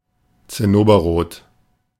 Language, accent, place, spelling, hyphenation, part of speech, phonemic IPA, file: German, Germany, Berlin, zinnoberrot, zin‧no‧ber‧rot, adjective, /t͡sɪˈnoːbɐˌʁoːt/, De-zinnoberrot.ogg
- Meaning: cinnabar